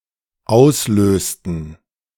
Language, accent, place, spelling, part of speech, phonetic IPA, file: German, Germany, Berlin, auslösten, verb, [ˈaʊ̯sˌløːstn̩], De-auslösten.ogg
- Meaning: inflection of auslösen: 1. first/third-person plural dependent preterite 2. first/third-person plural dependent subjunctive II